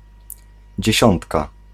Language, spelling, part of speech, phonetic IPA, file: Polish, dziesiątka, noun, [d͡ʑɛ̇ˈɕɔ̃ntka], Pl-dziesiątka.ogg